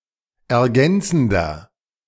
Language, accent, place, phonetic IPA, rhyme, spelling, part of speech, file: German, Germany, Berlin, [ɛɐ̯ˈɡɛnt͡sn̩dɐ], -ɛnt͡sn̩dɐ, ergänzender, adjective, De-ergänzender.ogg
- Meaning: inflection of ergänzend: 1. strong/mixed nominative masculine singular 2. strong genitive/dative feminine singular 3. strong genitive plural